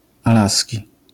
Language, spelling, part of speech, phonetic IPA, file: Polish, alaski, adjective, [aˈlasʲci], LL-Q809 (pol)-alaski.wav